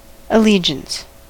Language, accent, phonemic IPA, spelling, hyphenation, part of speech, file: English, US, /əˈliː.d͡ʒəns/, allegiance, al‧le‧giance, noun, En-us-allegiance.ogg
- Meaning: Loyalty or commitment to a cause, group, nation or of a subordinate to a superior